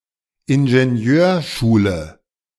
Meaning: school of engineering
- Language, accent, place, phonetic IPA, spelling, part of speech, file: German, Germany, Berlin, [ɪnʒeˈni̯øːɐ̯ˌʃuːlə], Ingenieurschule, noun, De-Ingenieurschule.ogg